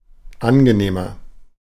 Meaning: 1. comparative degree of angenehm 2. inflection of angenehm: strong/mixed nominative masculine singular 3. inflection of angenehm: strong genitive/dative feminine singular
- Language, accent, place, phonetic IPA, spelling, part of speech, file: German, Germany, Berlin, [ˈanɡəˌneːmɐ], angenehmer, adjective, De-angenehmer.ogg